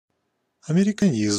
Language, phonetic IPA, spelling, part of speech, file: Russian, [ɐmʲɪrʲɪkɐˈnʲizm], американизм, noun, Ru-американизм.ogg
- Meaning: Americanism (linguistic feature)